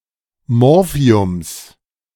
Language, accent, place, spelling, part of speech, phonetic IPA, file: German, Germany, Berlin, Morphiums, noun, [ˈmɔʁfi̯ʊms], De-Morphiums.ogg
- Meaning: genitive of Morphium